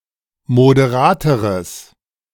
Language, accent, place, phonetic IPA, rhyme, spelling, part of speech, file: German, Germany, Berlin, [modeˈʁaːtəʁəs], -aːtəʁəs, moderateres, adjective, De-moderateres.ogg
- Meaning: strong/mixed nominative/accusative neuter singular comparative degree of moderat